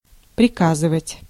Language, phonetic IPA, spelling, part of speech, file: Russian, [prʲɪˈkazɨvətʲ], приказывать, verb, Ru-приказывать.ogg
- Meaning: to order, to command, to give orders, to direct